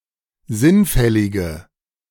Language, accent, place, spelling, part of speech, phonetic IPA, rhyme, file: German, Germany, Berlin, sinnfällige, adjective, [ˈzɪnˌfɛlɪɡə], -ɪnfɛlɪɡə, De-sinnfällige.ogg
- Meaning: inflection of sinnfällig: 1. strong/mixed nominative/accusative feminine singular 2. strong nominative/accusative plural 3. weak nominative all-gender singular